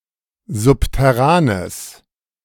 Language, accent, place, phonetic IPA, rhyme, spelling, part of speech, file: German, Germany, Berlin, [ˌzʊptɛˈʁaːnəs], -aːnəs, subterranes, adjective, De-subterranes.ogg
- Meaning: strong/mixed nominative/accusative neuter singular of subterran